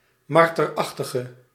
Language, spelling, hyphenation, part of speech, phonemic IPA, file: Dutch, marterachtige, mar‧ter‧ach‧ti‧ge, noun, /ˈmɑr.tərˌɑx.tə.ɣə/, Nl-marterachtige.ogg
- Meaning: mustelid, any member of the family Mustelidae